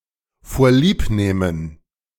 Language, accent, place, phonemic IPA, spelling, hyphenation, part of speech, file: German, Germany, Berlin, /foːɐ̯ˈliːpˌneːmən/, vorliebnehmen, vor‧lieb‧neh‧men, verb, De-vorliebnehmen.ogg
- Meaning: to make do with, to settle for